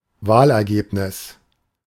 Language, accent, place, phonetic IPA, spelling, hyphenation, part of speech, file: German, Germany, Berlin, [ˈvaːlʔɛɐ̯ˌɡeːpnɪs], Wahlergebnis, Wahl‧er‧geb‧nis, noun, De-Wahlergebnis.ogg
- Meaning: election result